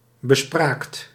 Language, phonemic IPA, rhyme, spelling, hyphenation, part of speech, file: Dutch, /bəˈspraːkt/, -aːkt, bespraakt, be‧spraakt, adjective / verb, Nl-bespraakt.ogg
- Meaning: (adjective) eloquent; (verb) second-person (gij) singular past indicative of bespreken